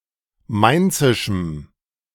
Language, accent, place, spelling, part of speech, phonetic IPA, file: German, Germany, Berlin, mainzischem, adjective, [ˈmaɪ̯nt͡sɪʃm̩], De-mainzischem.ogg
- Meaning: strong dative masculine/neuter singular of mainzisch